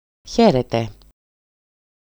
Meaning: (verb) second-person plural imperfective imperative of χαίρω (chaíro, literally “rejoice; be glad”); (interjection) 1. hello 2. goodbye; farewell
- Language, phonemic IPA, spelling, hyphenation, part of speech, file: Greek, /ˈçe.re.te/, χαίρετε, χαί‧ρε‧τε, verb / interjection, EL-χαίρετε.ogg